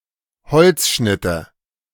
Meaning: nominative/accusative/genitive plural of Holzschnitt
- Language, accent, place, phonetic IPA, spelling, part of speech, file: German, Germany, Berlin, [ˈhɔlt͡sˌʃnɪtə], Holzschnitte, noun, De-Holzschnitte.ogg